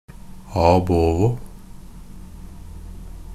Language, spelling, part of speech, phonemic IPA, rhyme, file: Norwegian Bokmål, ab ovo, adverb, /ɑːbˈoːʋɔ/, -oːʋɔ, NB - Pronunciation of Norwegian Bokmål «ab ovo».ogg
- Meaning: ab ovo, from the beginning